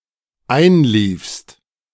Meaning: second-person singular dependent preterite of einlaufen
- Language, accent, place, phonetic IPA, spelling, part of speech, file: German, Germany, Berlin, [ˈaɪ̯nˌliːfst], einliefst, verb, De-einliefst.ogg